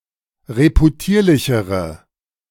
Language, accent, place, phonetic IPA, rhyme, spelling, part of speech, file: German, Germany, Berlin, [ʁepuˈtiːɐ̯lɪçəʁə], -iːɐ̯lɪçəʁə, reputierlichere, adjective, De-reputierlichere.ogg
- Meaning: inflection of reputierlich: 1. strong/mixed nominative/accusative feminine singular comparative degree 2. strong nominative/accusative plural comparative degree